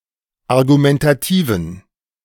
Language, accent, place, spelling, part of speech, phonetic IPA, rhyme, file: German, Germany, Berlin, argumentativen, adjective, [aʁɡumɛntaˈtiːvn̩], -iːvn̩, De-argumentativen.ogg
- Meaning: inflection of argumentativ: 1. strong genitive masculine/neuter singular 2. weak/mixed genitive/dative all-gender singular 3. strong/weak/mixed accusative masculine singular 4. strong dative plural